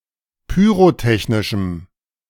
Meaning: strong dative masculine/neuter singular of pyrotechnisch
- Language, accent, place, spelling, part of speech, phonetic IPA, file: German, Germany, Berlin, pyrotechnischem, adjective, [pyːʁoˈtɛçnɪʃm̩], De-pyrotechnischem.ogg